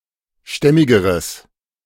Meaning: strong/mixed nominative/accusative neuter singular comparative degree of stämmig
- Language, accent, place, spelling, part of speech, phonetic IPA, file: German, Germany, Berlin, stämmigeres, adjective, [ˈʃtɛmɪɡəʁəs], De-stämmigeres.ogg